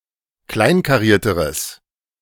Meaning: strong/mixed nominative/accusative neuter singular comparative degree of kleinkariert
- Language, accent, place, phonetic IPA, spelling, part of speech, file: German, Germany, Berlin, [ˈklaɪ̯nkaˌʁiːɐ̯təʁəs], kleinkarierteres, adjective, De-kleinkarierteres.ogg